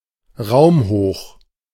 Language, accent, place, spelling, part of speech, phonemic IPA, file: German, Germany, Berlin, raumhoch, adjective, /ˈʁaʊ̯mˌhoːχ/, De-raumhoch.ogg
- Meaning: floor-to-ceiling (extending the full height of a room)